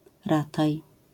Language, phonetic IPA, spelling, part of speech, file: Polish, [ˈrataj], rataj, noun, LL-Q809 (pol)-rataj.wav